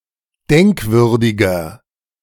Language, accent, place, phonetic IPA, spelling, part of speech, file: German, Germany, Berlin, [ˈdɛŋkˌvʏʁdɪɡɐ], denkwürdiger, adjective, De-denkwürdiger.ogg
- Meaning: 1. comparative degree of denkwürdig 2. inflection of denkwürdig: strong/mixed nominative masculine singular 3. inflection of denkwürdig: strong genitive/dative feminine singular